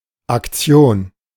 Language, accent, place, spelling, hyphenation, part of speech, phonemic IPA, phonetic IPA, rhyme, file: German, Germany, Berlin, Aktion, Ak‧ti‧on, noun, /akˈtsi̯oːn/, [ʔakˈt͡sjoːn], -oːn, De-Aktion.ogg
- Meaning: 1. operation, campaign, measure, organized course of action 2. sales campaign 3. act, deed, typically unusual, often negative 4. action, activity 5. action, impulse